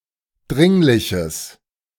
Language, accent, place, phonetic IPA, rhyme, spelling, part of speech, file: German, Germany, Berlin, [ˈdʁɪŋlɪçəs], -ɪŋlɪçəs, dringliches, adjective, De-dringliches.ogg
- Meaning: strong/mixed nominative/accusative neuter singular of dringlich